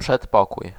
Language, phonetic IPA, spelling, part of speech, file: Polish, [pʃɛtˈpɔkuj], przedpokój, noun, Pl-przedpokój.ogg